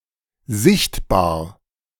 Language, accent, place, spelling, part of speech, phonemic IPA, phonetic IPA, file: German, Germany, Berlin, sichtbar, adjective, /ˈzɪçtbaːɐ̯/, [ˈzɪçtʰbaːɐ̯], De-sichtbar.ogg
- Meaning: visible